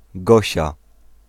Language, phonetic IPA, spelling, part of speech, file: Polish, [ˈɡɔɕa], Gosia, proper noun, Pl-Gosia.ogg